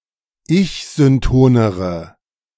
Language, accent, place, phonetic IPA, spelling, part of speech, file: German, Germany, Berlin, [ˈɪçzʏnˌtoːnəʁə], ich-syntonere, adjective, De-ich-syntonere.ogg
- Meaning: inflection of ich-synton: 1. strong/mixed nominative/accusative feminine singular comparative degree 2. strong nominative/accusative plural comparative degree